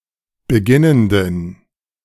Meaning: inflection of beginnend: 1. strong genitive masculine/neuter singular 2. weak/mixed genitive/dative all-gender singular 3. strong/weak/mixed accusative masculine singular 4. strong dative plural
- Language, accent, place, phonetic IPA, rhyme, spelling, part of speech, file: German, Germany, Berlin, [bəˈɡɪnəndn̩], -ɪnəndn̩, beginnenden, adjective, De-beginnenden.ogg